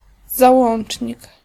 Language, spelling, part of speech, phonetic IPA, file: Polish, załącznik, noun, [zaˈwɔ̃n͇t͡ʃʲɲik], Pl-załącznik.ogg